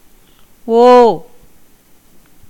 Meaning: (character) The eleventh vowel in Tamil; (verb) 1. to be of one mind 2. to copulate, have sexual intercourse 3. to fuck; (interjection) oh! (or) o..: 1. expressing recollection 2. expressing wonder
- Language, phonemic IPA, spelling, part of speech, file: Tamil, /oː/, ஓ, character / verb / interjection, Ta-ஓ.ogg